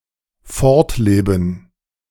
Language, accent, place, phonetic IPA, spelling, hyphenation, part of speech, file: German, Germany, Berlin, [ˈfɔʁtˌleːbn̩], fortleben, fort‧le‧ben, verb, De-fortleben.ogg
- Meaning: to live on